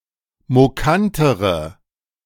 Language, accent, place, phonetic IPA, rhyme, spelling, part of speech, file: German, Germany, Berlin, [moˈkantəʁə], -antəʁə, mokantere, adjective, De-mokantere.ogg
- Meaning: inflection of mokant: 1. strong/mixed nominative/accusative feminine singular comparative degree 2. strong nominative/accusative plural comparative degree